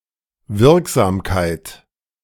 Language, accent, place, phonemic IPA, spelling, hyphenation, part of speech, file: German, Germany, Berlin, /ˈvɪʁkzaːmkaɪ̯t/, Wirksamkeit, Wirk‧sam‧keit, noun, De-Wirksamkeit.ogg
- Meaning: effectiveness, efficacy